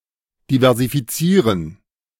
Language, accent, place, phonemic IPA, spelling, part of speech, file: German, Germany, Berlin, /divɛʁzifiˈtsiːʁən/, diversifizieren, verb, De-diversifizieren.ogg
- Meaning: to diversify